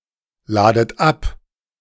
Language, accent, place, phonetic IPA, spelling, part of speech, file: German, Germany, Berlin, [ˌlaːdət ˈap], ladet ab, verb, De-ladet ab.ogg
- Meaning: inflection of abladen: 1. second-person plural present 2. second-person plural subjunctive I 3. plural imperative